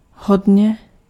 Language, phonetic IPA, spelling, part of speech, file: Czech, [ˈɦodɲɛ], hodně, adverb, Cs-hodně.ogg
- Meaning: 1. very; to a great degree or extent 2. much; many 3. sufficiently 4. plenty; sufficient; enough